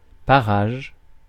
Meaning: 1. parage (social rank) 2. environs, surroundings
- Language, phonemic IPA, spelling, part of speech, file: French, /pa.ʁaʒ/, parage, noun, Fr-parage.ogg